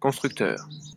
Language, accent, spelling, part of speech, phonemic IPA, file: French, France, constructeur, noun, /kɔ̃s.tʁyk.tœʁ/, LL-Q150 (fra)-constructeur.wav
- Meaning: constructor